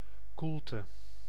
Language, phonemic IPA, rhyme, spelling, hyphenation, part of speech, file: Dutch, /ˈkul.tə/, -ultə, koelte, koel‧te, noun, Nl-koelte.ogg
- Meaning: 1. coolness, a cold, but not freezing temperature, possibly pleasant 2. a breeze; any kind of wind 3. cool, unshakable attitude